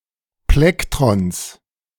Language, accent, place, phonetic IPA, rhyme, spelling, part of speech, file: German, Germany, Berlin, [ˈplɛktʁɔns], -ɛktʁɔns, Plektrons, noun, De-Plektrons.ogg
- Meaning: genitive singular of Plektron